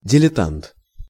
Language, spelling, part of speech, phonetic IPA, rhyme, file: Russian, дилетант, noun, [dʲɪlʲɪˈtant], -ant, Ru-дилетант.ogg
- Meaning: 1. smatterer, dilettante 2. amateur, dabbler